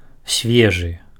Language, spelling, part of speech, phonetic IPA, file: Belarusian, свежы, adjective, [ˈsʲvʲeʐɨ], Be-свежы.ogg
- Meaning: fresh